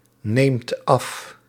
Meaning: inflection of afnemen: 1. second/third-person singular present indicative 2. plural imperative
- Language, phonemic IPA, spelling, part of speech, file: Dutch, /ˈnemt ˈɑf/, neemt af, verb, Nl-neemt af.ogg